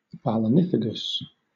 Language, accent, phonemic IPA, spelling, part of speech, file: English, Southern England, /bæləˈniːfəɡəs/, balanephagous, adjective, LL-Q1860 (eng)-balanephagous.wav
- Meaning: Acorn-eating